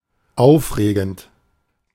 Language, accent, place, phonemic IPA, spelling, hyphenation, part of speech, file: German, Germany, Berlin, /ˈaʊ̯fˌʁeːɡn̩t/, aufregend, auf‧re‧gend, verb / adjective, De-aufregend.ogg
- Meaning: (verb) present participle of aufregen; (adjective) exciting, captivating (evoking giddiness or thrill)